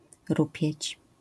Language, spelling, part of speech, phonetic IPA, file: Polish, rupieć, noun, [ˈrupʲjɛ̇t͡ɕ], LL-Q809 (pol)-rupieć.wav